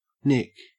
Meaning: nicotine
- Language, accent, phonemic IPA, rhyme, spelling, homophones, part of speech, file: English, Australia, /nɪk/, -ɪk, nic, Nick / nick, noun, En-au-nic.ogg